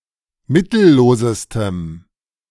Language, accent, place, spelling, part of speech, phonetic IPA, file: German, Germany, Berlin, mittellosestem, adjective, [ˈmɪtl̩ˌloːzəstəm], De-mittellosestem.ogg
- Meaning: strong dative masculine/neuter singular superlative degree of mittellos